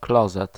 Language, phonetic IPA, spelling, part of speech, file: Polish, [ˈklɔzɛt], klozet, noun, Pl-klozet.ogg